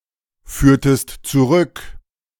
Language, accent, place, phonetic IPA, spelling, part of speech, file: German, Germany, Berlin, [ˌfyːɐ̯təst t͡suˈʁʏk], führtest zurück, verb, De-führtest zurück.ogg
- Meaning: inflection of zurückführen: 1. second-person singular preterite 2. second-person singular subjunctive II